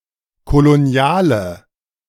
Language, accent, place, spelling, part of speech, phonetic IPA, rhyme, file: German, Germany, Berlin, koloniale, adjective, [koloˈni̯aːlə], -aːlə, De-koloniale.ogg
- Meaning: inflection of kolonial: 1. strong/mixed nominative/accusative feminine singular 2. strong nominative/accusative plural 3. weak nominative all-gender singular